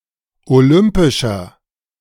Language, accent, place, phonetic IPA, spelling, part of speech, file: German, Germany, Berlin, [oˈlʏmpɪʃɐ], olympischer, adjective, De-olympischer.ogg
- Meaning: inflection of olympisch: 1. strong/mixed nominative masculine singular 2. strong genitive/dative feminine singular 3. strong genitive plural